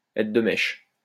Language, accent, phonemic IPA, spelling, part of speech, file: French, France, /ɛ.tʁə d(ə) mɛʃ/, être de mèche, verb, LL-Q150 (fra)-être de mèche.wav
- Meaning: to be in cahoots, to go cahoots